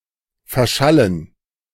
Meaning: to stop being audible
- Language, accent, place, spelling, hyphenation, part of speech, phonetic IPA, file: German, Germany, Berlin, verschallen, ver‧schal‧len, verb, [fɛɐ̯ˈʃalən], De-verschallen.ogg